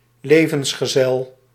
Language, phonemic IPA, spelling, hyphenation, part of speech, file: Dutch, /ˈleː.və(n)s.xəˌzɛl/, levensgezel, le‧vens‧ge‧zel, noun, Nl-levensgezel.ogg
- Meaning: life partner